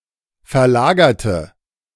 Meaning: inflection of verlagern: 1. first/third-person singular preterite 2. first/third-person singular subjunctive II
- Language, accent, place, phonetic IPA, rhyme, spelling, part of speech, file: German, Germany, Berlin, [fɛɐ̯ˈlaːɡɐtə], -aːɡɐtə, verlagerte, adjective / verb, De-verlagerte.ogg